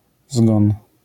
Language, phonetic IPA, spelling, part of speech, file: Polish, [zɡɔ̃n], zgon, noun, LL-Q809 (pol)-zgon.wav